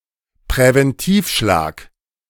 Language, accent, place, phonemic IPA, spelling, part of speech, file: German, Germany, Berlin, /pʁɛvɛnˈtiːfˌʃlaːk/, Präventivschlag, noun, De-Präventivschlag.ogg
- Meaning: preemptive strike